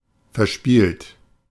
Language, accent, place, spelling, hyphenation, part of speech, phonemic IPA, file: German, Germany, Berlin, verspielt, ver‧spielt, verb / adjective, /fɛʁˈʃpiːlt/, De-verspielt.ogg
- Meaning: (verb) past participle of verspielen; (adjective) playful, frisky, coltish, sportive, cheerful, prankish; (verb) inflection of verspielen: second-person plural present